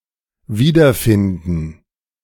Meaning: to find again
- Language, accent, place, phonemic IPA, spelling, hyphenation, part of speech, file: German, Germany, Berlin, /ˈviːdɐˌfɪndn̩/, wiederfinden, wie‧der‧fin‧den, verb, De-wiederfinden.ogg